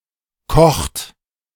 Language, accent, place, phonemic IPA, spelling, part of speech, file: German, Germany, Berlin, /kɔχt/, kocht, verb, De-kocht.ogg
- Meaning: inflection of kochen: 1. third-person singular present 2. second-person plural present 3. plural imperative